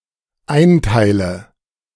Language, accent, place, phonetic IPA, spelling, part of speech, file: German, Germany, Berlin, [ˈaɪ̯nˌtaɪ̯lə], einteile, verb, De-einteile.ogg
- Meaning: inflection of einteilen: 1. first-person singular dependent present 2. first/third-person singular dependent subjunctive I